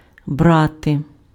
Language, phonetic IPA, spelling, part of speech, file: Ukrainian, [ˈbrate], брати, verb, Uk-брати.ogg
- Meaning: 1. to take, to grab; but while брати is generic, дістати means "to take out (from, e.g. the fridge or a box)" and it is followed by the preposition з 2. to gather, to pick up 3. to fetch (liquid)